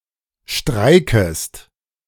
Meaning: second-person singular subjunctive I of streiken
- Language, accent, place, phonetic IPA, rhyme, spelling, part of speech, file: German, Germany, Berlin, [ˈʃtʁaɪ̯kəst], -aɪ̯kəst, streikest, verb, De-streikest.ogg